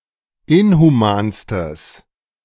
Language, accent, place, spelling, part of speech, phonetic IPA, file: German, Germany, Berlin, inhumanstes, adjective, [ˈɪnhuˌmaːnstəs], De-inhumanstes.ogg
- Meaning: strong/mixed nominative/accusative neuter singular superlative degree of inhuman